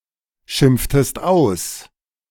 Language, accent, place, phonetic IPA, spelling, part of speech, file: German, Germany, Berlin, [ˌʃɪmp͡ftəst ˈaʊ̯s], schimpftest aus, verb, De-schimpftest aus.ogg
- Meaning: inflection of ausschimpfen: 1. second-person singular preterite 2. second-person singular subjunctive II